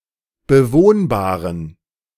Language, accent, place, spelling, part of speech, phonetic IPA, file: German, Germany, Berlin, bewohnbaren, adjective, [bəˈvoːnbaːʁən], De-bewohnbaren.ogg
- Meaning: inflection of bewohnbar: 1. strong genitive masculine/neuter singular 2. weak/mixed genitive/dative all-gender singular 3. strong/weak/mixed accusative masculine singular 4. strong dative plural